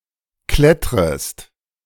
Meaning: second-person singular subjunctive I of klettern
- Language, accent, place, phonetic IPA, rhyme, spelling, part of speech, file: German, Germany, Berlin, [ˈklɛtʁəst], -ɛtʁəst, klettrest, verb, De-klettrest.ogg